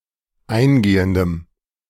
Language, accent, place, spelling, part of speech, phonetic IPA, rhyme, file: German, Germany, Berlin, eingehendem, adjective, [ˈaɪ̯nˌɡeːəndəm], -aɪ̯nɡeːəndəm, De-eingehendem.ogg
- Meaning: strong dative masculine/neuter singular of eingehend